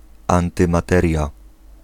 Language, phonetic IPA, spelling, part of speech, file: Polish, [ˌãntɨ̃maˈtɛrʲja], antymateria, noun, Pl-antymateria.ogg